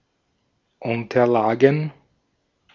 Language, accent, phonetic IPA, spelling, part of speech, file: German, Austria, [ˈʊntɐlaːɡn̩], Unterlagen, noun, De-at-Unterlagen.ogg
- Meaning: plural of Unterlage